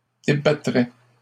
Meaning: first/second-person singular conditional of débattre
- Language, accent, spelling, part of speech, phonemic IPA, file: French, Canada, débattrais, verb, /de.ba.tʁɛ/, LL-Q150 (fra)-débattrais.wav